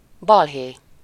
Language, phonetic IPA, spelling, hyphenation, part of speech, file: Hungarian, [ˈbɒlɦeː], balhé, bal‧hé, noun, Hu-balhé.ogg
- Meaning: 1. row (noisy argument), fuss (harsh complaint) 2. trouble, mess